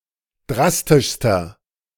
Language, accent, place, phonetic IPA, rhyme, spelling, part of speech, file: German, Germany, Berlin, [ˈdʁastɪʃstɐ], -astɪʃstɐ, drastischster, adjective, De-drastischster.ogg
- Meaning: inflection of drastisch: 1. strong/mixed nominative masculine singular superlative degree 2. strong genitive/dative feminine singular superlative degree 3. strong genitive plural superlative degree